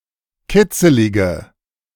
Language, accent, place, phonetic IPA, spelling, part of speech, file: German, Germany, Berlin, [ˈkɪt͡səlɪɡə], kitzelige, adjective, De-kitzelige.ogg
- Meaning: inflection of kitzelig: 1. strong/mixed nominative/accusative feminine singular 2. strong nominative/accusative plural 3. weak nominative all-gender singular